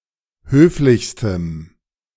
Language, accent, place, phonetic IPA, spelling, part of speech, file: German, Germany, Berlin, [ˈhøːflɪçstəm], höflichstem, adjective, De-höflichstem.ogg
- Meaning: strong dative masculine/neuter singular superlative degree of höflich